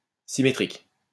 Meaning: symmetric, symmetrical
- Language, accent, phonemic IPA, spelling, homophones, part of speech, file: French, France, /si.me.tʁik/, symétrique, symétriques, adjective, LL-Q150 (fra)-symétrique.wav